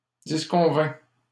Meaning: third-person singular imperfect subjunctive of disconvenir
- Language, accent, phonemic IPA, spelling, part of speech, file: French, Canada, /dis.kɔ̃.vɛ̃/, disconvînt, verb, LL-Q150 (fra)-disconvînt.wav